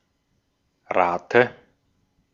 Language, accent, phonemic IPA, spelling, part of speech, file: German, Austria, /ˈʁaːtə/, Rate, noun, De-at-Rate.ogg
- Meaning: 1. rate 2. installment, instalment 3. dative singular of Rat